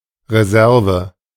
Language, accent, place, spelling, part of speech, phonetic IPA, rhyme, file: German, Germany, Berlin, Reserve, noun, [ʁeˈzɛʁvə], -ɛʁvə, De-Reserve.ogg
- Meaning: reserve (that which is reserved, or kept back, as for future use)